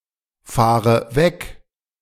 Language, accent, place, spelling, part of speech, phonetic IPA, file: German, Germany, Berlin, fahre weg, verb, [ˌfaːʁə ˈvɛk], De-fahre weg.ogg
- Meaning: inflection of wegfahren: 1. first-person singular present 2. first/third-person singular subjunctive I 3. singular imperative